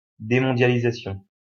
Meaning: deglobalization
- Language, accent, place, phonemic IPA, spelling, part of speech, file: French, France, Lyon, /de.mɔ̃.dja.li.za.sjɔ̃/, démondialisation, noun, LL-Q150 (fra)-démondialisation.wav